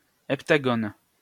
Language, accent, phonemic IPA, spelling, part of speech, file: French, France, /ɛp.ta.ɡɔn/, heptagone, noun, LL-Q150 (fra)-heptagone.wav
- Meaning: heptagon (a polygon with seven sides and seven angles)